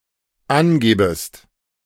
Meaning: second-person singular dependent subjunctive I of angeben
- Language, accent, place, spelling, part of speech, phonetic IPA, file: German, Germany, Berlin, angebest, verb, [ˈanˌɡeːbəst], De-angebest.ogg